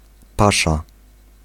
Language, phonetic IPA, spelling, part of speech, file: Polish, [ˈpaʃa], pasza, noun, Pl-pasza.ogg